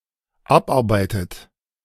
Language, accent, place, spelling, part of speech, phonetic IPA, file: German, Germany, Berlin, abarbeitet, verb, [ˈapˌʔaʁbaɪ̯tət], De-abarbeitet.ogg
- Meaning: third-person singular present of abarbeiten Used in side clauses where usually separable prefixes do not separate